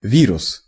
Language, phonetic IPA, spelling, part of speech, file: Russian, [ˈvʲirʊs], вирус, noun, Ru-вирус.ogg
- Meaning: 1. virus (DNA/RNA causing disease) 2. computer virus